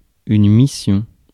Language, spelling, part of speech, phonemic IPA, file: French, mission, noun, /mi.sjɔ̃/, Fr-mission.ogg
- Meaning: 1. mission (duty that involves fulfilling a request) 2. mission (religious evangelism)